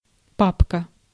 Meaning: 1. daddy 2. folder (an organizer for storing papers) 3. file (things stored in a folder) 4. folder (directory or virtual container in a file system)
- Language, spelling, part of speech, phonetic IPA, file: Russian, папка, noun, [ˈpapkə], Ru-папка.ogg